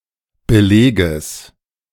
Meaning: genitive singular of Beleg
- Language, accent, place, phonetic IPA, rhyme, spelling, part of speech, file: German, Germany, Berlin, [bəˈleːɡəs], -eːɡəs, Beleges, noun, De-Beleges.ogg